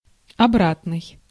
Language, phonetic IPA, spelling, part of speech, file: Russian, [ɐˈbratnɨj], обратный, adjective, Ru-обратный.ogg
- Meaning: 1. back, return, reverse 2. inverse 3. retroactive 4. reciprocal